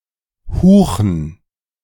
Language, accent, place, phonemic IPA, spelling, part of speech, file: German, Germany, Berlin, /ˈhuːxən/, Huchen, noun, De-Huchen.ogg
- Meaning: huchen, Danube salmon (Hucho hucho)